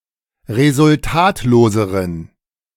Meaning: inflection of resultatlos: 1. strong genitive masculine/neuter singular comparative degree 2. weak/mixed genitive/dative all-gender singular comparative degree
- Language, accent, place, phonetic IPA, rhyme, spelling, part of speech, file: German, Germany, Berlin, [ʁezʊlˈtaːtloːzəʁən], -aːtloːzəʁən, resultatloseren, adjective, De-resultatloseren.ogg